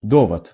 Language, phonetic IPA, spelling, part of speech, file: Russian, [ˈdovət], довод, noun, Ru-довод.ogg
- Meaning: argument, reason